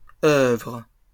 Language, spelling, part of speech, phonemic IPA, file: French, œuvres, noun, /œvʁ/, LL-Q150 (fra)-œuvres.wav
- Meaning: plural of œuvre